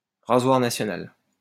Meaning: guillotine
- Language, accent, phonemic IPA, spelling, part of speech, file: French, France, /ʁa.zwaʁ na.sjɔ.nal/, rasoir national, noun, LL-Q150 (fra)-rasoir national.wav